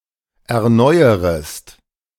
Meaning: second-person singular subjunctive I of erneuern
- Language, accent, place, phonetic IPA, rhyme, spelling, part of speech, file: German, Germany, Berlin, [ɛɐ̯ˈnɔɪ̯əʁəst], -ɔɪ̯əʁəst, erneuerest, verb, De-erneuerest.ogg